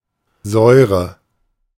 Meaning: 1. sourness, tartness, acidity 2. acid
- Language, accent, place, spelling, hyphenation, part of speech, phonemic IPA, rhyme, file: German, Germany, Berlin, Säure, Säu‧re, noun, /ˈzɔʏ̯ʁə/, -ɔʏ̯ʁə, De-Säure.ogg